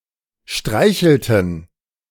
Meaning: inflection of streicheln: 1. first/third-person plural preterite 2. first/third-person plural subjunctive II
- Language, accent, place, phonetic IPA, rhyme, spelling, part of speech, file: German, Germany, Berlin, [ˈʃtʁaɪ̯çl̩tn̩], -aɪ̯çl̩tn̩, streichelten, verb, De-streichelten.ogg